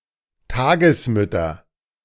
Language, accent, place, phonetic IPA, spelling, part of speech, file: German, Germany, Berlin, [ˈtaːɡəsˌmʏtɐ], Tagesmütter, noun, De-Tagesmütter.ogg
- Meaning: nominative/accusative/genitive plural of Tagesmutter